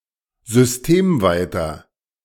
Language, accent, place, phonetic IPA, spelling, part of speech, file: German, Germany, Berlin, [zʏsˈteːmˌvaɪ̯tɐ], systemweiter, adjective, De-systemweiter.ogg
- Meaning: inflection of systemweit: 1. strong/mixed nominative masculine singular 2. strong genitive/dative feminine singular 3. strong genitive plural